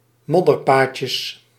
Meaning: plural of modderpaadje
- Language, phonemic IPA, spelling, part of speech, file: Dutch, /ˈmɔdərpacəs/, modderpaadjes, noun, Nl-modderpaadjes.ogg